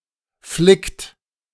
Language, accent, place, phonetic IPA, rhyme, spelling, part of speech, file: German, Germany, Berlin, [flɪkt], -ɪkt, flickt, verb, De-flickt.ogg
- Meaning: inflection of flicken: 1. second-person plural present 2. third-person singular present 3. plural imperative